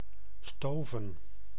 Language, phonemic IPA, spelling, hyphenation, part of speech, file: Dutch, /ˈstoː.və(n)/, stoven, sto‧ven, verb / noun, Nl-stoven.ogg
- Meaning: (verb) 1. to stew on a fire 2. to prepare 3. to stove 4. to simmer for a long time; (noun) plural of stoof; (verb) inflection of stuiven: 1. plural past indicative 2. plural past subjunctive